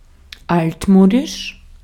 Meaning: 1. outdated, old-fashioned, antiquated, outmoded, old-timey 2. obsolete 3. vintage
- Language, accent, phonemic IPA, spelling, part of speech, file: German, Austria, /ˈaltˌmoːdɪʃ/, altmodisch, adjective, De-at-altmodisch.ogg